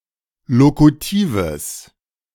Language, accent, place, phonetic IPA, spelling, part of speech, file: German, Germany, Berlin, [ˈlokutiːvəs], lokutives, adjective, De-lokutives.ogg
- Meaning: strong/mixed nominative/accusative neuter singular of lokutiv